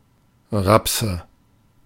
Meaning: nominative/accusative/genitive plural of Raps
- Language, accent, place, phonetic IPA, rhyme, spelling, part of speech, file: German, Germany, Berlin, [ˈʁapsə], -apsə, Rapse, noun, De-Rapse.ogg